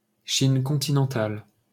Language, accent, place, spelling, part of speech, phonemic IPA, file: French, France, Paris, Chine continentale, proper noun, /ʃin kɔ̃.ti.nɑ̃.tal/, LL-Q150 (fra)-Chine continentale.wav
- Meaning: mainland China